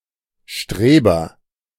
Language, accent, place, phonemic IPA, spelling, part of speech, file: German, Germany, Berlin, /ˈʃtreːbɐ/, Streber, noun, De-Streber.ogg
- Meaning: agent noun of streben: 1. A river fish of Eastern Europe, Zingel streber 2. Someone who strives to achieve success in school; similar in usage to English nerd, dork, or dweeb